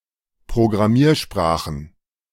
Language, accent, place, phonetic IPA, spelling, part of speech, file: German, Germany, Berlin, [pʁoɡʁaˈmiːɐ̯ʃpʁaːxən], Programmiersprachen, noun, De-Programmiersprachen.ogg
- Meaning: plural of Programmiersprache